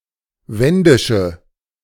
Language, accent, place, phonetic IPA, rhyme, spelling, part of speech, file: German, Germany, Berlin, [ˈvɛndɪʃə], -ɛndɪʃə, wendische, adjective, De-wendische.ogg
- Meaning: inflection of wendisch: 1. strong/mixed nominative/accusative feminine singular 2. strong nominative/accusative plural 3. weak nominative all-gender singular